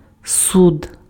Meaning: court
- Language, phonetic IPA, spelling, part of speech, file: Ukrainian, [sud], суд, noun, Uk-суд.ogg